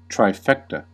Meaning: 1. A bet in which the bettor must select the first three placegetters of a race in the order in which they finish 2. The attainment of three important achievements, qualities, etc
- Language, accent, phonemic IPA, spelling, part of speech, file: English, US, /tɹaɪˈfɛktə/, trifecta, noun, En-us-trifecta.ogg